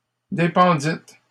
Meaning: second-person plural past historic of dépendre
- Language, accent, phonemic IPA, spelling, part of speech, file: French, Canada, /de.pɑ̃.dit/, dépendîtes, verb, LL-Q150 (fra)-dépendîtes.wav